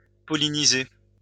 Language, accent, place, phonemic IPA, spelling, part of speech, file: French, France, Lyon, /pɔ.li.ni.ze/, polliniser, verb, LL-Q150 (fra)-polliniser.wav
- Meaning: to pollinate